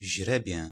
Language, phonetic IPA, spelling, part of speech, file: Polish, [ˈʑrɛbʲjɛ], źrebię, noun / verb, Pl-źrebię.ogg